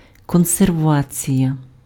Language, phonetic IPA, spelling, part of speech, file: Ukrainian, [kɔnserˈʋat͡sʲijɐ], консервація, noun, Uk-консервація.ogg
- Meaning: conservation, preservation (the act of protecting something against decay)